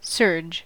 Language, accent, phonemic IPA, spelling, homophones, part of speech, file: English, US, /sɝd͡ʒ/, surge, serge, noun / verb, En-us-surge.ogg
- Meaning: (noun) 1. A sudden transient rush, flood or increase 2. The maximum amplitude of a vehicle's forward/backward oscillation 3. A sudden electrical spike or increase of voltage and current